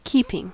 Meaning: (noun) 1. Conformity or harmony 2. Charge or care 3. Maintenance; support; provision; feed; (verb) present participle and gerund of keep
- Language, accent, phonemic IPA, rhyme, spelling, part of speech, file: English, US, /ˈkiːpɪŋ/, -iːpɪŋ, keeping, noun / verb, En-us-keeping.ogg